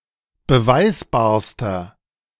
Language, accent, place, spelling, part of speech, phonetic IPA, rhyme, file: German, Germany, Berlin, beweisbarster, adjective, [bəˈvaɪ̯sbaːɐ̯stɐ], -aɪ̯sbaːɐ̯stɐ, De-beweisbarster.ogg
- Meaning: inflection of beweisbar: 1. strong/mixed nominative masculine singular superlative degree 2. strong genitive/dative feminine singular superlative degree 3. strong genitive plural superlative degree